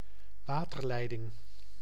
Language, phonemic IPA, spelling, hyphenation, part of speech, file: Dutch, /ˈwatərˌlɛidɪŋ/, waterleiding, wa‧ter‧lei‧ding, noun, Nl-waterleiding.ogg
- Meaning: 1. water pipe 2. waterworks